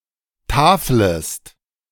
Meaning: second-person singular subjunctive I of tafeln
- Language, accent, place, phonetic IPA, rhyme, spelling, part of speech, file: German, Germany, Berlin, [ˈtaːfləst], -aːfləst, taflest, verb, De-taflest.ogg